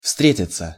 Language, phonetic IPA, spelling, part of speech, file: Russian, [ˈfstrʲetʲɪt͡sə], встретиться, verb, Ru-встретиться.ogg
- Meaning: 1. to meet, to encounter, to come across 2. to see each other, to meet, to date 3. to be found, to be met with, to occur, to happen 4. passive of встре́тить (vstrétitʹ)